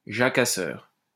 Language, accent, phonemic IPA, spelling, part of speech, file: French, France, /ʒa.ka.sœʁ/, jacasseur, noun, LL-Q150 (fra)-jacasseur.wav
- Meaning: talker; chatterer; gossip